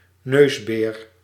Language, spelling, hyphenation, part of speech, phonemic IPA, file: Dutch, neusbeer, neus‧beer, noun, /ˈnøːs.beːr/, Nl-neusbeer.ogg
- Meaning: coati, procyonid of the genera Nasua or Nasuella